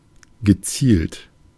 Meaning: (verb) past participle of zielen; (adjective) aimed, targeted
- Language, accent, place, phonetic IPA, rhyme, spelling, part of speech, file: German, Germany, Berlin, [ɡəˈt͡siːlt], -iːlt, gezielt, adjective / verb, De-gezielt.ogg